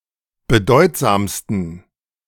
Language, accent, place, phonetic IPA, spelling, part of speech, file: German, Germany, Berlin, [bəˈdɔɪ̯tzaːmstn̩], bedeutsamsten, adjective, De-bedeutsamsten.ogg
- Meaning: 1. superlative degree of bedeutsam 2. inflection of bedeutsam: strong genitive masculine/neuter singular superlative degree